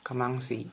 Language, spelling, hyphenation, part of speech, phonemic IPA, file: Brunei, kamangsi, ka‧mang‧si, noun, /kamaŋsi/, Kxd-kamangsi.ogg
- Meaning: breadnut, fruit of the tropical tree Artocarpus camansi